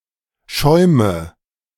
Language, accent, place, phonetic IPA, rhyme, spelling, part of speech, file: German, Germany, Berlin, [ˈʃɔɪ̯mə], -ɔɪ̯mə, schäume, verb, De-schäume.ogg
- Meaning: inflection of schäumen: 1. first-person singular present 2. singular imperative 3. first/third-person singular subjunctive I